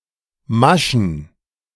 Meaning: plural of Masche
- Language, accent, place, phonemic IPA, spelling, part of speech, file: German, Germany, Berlin, /ˈmaʃn̩/, Maschen, noun, De-Maschen.ogg